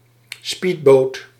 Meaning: a speedboat
- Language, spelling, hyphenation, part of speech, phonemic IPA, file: Dutch, speedboot, speed‧boot, noun, /ˈspit.boːt/, Nl-speedboot.ogg